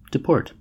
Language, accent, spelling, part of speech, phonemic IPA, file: English, US, deport, verb, /dɪˈpɔɹt/, En-us-deport.ogg
- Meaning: 1. To comport (oneself); to behave 2. To evict, especially from a country